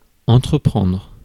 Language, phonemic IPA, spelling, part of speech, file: French, /ɑ̃.tʁə.pʁɑ̃dʁ/, entreprendre, verb, Fr-entreprendre.ogg
- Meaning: to undertake